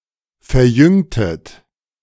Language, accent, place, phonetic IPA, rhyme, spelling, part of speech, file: German, Germany, Berlin, [fɛɐ̯ˈjʏŋtət], -ʏŋtət, verjüngtet, verb, De-verjüngtet.ogg
- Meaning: inflection of verjüngen: 1. second-person plural preterite 2. second-person plural subjunctive II